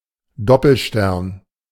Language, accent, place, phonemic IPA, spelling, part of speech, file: German, Germany, Berlin, /ˈdɔpl̩ʃtɛrn/, Doppelstern, noun, De-Doppelstern.ogg
- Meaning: double star